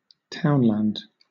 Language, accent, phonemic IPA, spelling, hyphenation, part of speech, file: English, Southern England, /ˈtaʊnlænd/, townland, town‧land, noun, LL-Q1860 (eng)-townland.wav
- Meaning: A geographical unit of land smaller than a parish